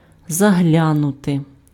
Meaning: 1. to look, to peep, to glance, to have a look (at/into) 2. to drop in, to look in, to call in (visit briefly)
- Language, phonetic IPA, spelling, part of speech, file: Ukrainian, [zɐˈɦlʲanʊte], заглянути, verb, Uk-заглянути.ogg